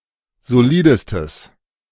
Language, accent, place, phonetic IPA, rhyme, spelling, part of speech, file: German, Germany, Berlin, [zoˈliːdəstəs], -iːdəstəs, solidestes, adjective, De-solidestes.ogg
- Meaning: strong/mixed nominative/accusative neuter singular superlative degree of solid